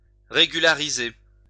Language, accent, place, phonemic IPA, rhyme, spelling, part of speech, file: French, France, Lyon, /ʁe.ɡy.la.ʁi.ze/, -e, régulariser, verb, LL-Q150 (fra)-régulariser.wav
- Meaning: to regulate (make regular), straighten out (a situation, an irregularity)